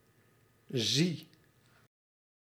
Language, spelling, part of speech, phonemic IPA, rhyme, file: Dutch, zie, verb, /ˈzi/, -i, Nl-zie.ogg
- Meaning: inflection of zien: 1. first-person singular present indicative 2. second-person singular present indicative 3. imperative 4. singular present subjunctive